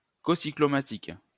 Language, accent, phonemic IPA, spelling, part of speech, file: French, France, /kɔ.si.klɔ.ma.tik/, cocyclomatique, adjective, LL-Q150 (fra)-cocyclomatique.wav
- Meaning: cocyclomatic